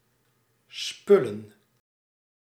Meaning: plural of spul
- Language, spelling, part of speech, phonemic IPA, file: Dutch, spullen, noun, /spɵlə(n)/, Nl-spullen.ogg